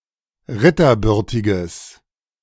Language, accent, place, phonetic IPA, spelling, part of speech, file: German, Germany, Berlin, [ˈʁɪtɐˌbʏʁtɪɡəs], ritterbürtiges, adjective, De-ritterbürtiges.ogg
- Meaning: strong/mixed nominative/accusative neuter singular of ritterbürtig